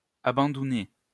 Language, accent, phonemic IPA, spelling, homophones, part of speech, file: French, France, /a.bɑ̃.du.nɛ/, abandounait, abandounaient / abandounais, verb, LL-Q150 (fra)-abandounait.wav
- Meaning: third-person singular imperfect indicative of abandouner